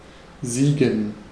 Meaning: to be victorious, to win
- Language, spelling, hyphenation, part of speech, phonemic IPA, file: German, siegen, sie‧gen, verb, /ˈziːɡən/, De-siegen.ogg